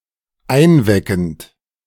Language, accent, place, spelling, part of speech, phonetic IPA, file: German, Germany, Berlin, einweckend, verb, [ˈaɪ̯nˌvɛkn̩t], De-einweckend.ogg
- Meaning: present participle of einwecken